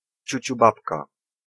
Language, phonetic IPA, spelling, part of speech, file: Polish, [ˌt͡ɕüt͡ɕuˈbapka], ciuciubabka, noun, Pl-ciuciubabka.ogg